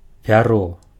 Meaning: 1. feather 2. plume 3. pen
- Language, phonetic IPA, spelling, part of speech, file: Belarusian, [pʲaˈro], пяро, noun, Be-пяро.ogg